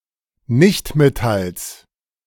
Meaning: genitive singular of Nichtmetall
- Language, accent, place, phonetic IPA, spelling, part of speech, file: German, Germany, Berlin, [ˈnɪçtmeˌtals], Nichtmetalls, noun, De-Nichtmetalls.ogg